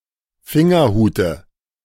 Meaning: dative singular of Fingerhut
- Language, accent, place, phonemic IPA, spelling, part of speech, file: German, Germany, Berlin, /ˈfɪŋɐˌhuːtə/, Fingerhute, noun, De-Fingerhute.ogg